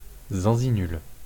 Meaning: inflection of zinzinuler: 1. first/third-person singular present indicative/subjunctive 2. second-person singular imperative
- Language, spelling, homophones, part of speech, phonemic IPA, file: French, zinzinule, zinzinulent / zinzinules, verb, /zɛ̃.zi.nyl/, Fr-zinzinule.wav